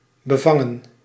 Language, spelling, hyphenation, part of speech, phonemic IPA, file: Dutch, bevangen, be‧van‧gen, verb / adjective, /bəˈvɑ.ŋə(n)/, Nl-bevangen.ogg
- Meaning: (verb) to catch, to grasp; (adjective) abashed, shy, timid